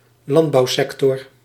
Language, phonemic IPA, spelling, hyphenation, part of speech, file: Dutch, /ˈlɑnt.bɑu̯ˌsɛk.tɔr/, landbouwsector, land‧bouw‧sec‧tor, noun, Nl-landbouwsector.ogg
- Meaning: agricultural sector